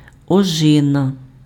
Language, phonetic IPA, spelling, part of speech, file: Ukrainian, [ɔˈʒɪnɐ], ожина, noun, Uk-ожина.ogg
- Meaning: 1. blackberry (plant) 2. blackberry (fruit)